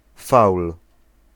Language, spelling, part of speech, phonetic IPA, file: Polish, faul, noun, [fawl], Pl-faul.ogg